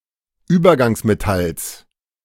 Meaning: genitive singular of Übergangsmetall
- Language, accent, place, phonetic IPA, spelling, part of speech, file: German, Germany, Berlin, [ˈyːbɐɡaŋsmeˌtals], Übergangsmetalls, noun, De-Übergangsmetalls.ogg